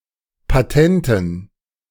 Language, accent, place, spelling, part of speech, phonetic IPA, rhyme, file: German, Germany, Berlin, Patenten, noun, [paˈtɛntn̩], -ɛntn̩, De-Patenten.ogg
- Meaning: dative plural of Patent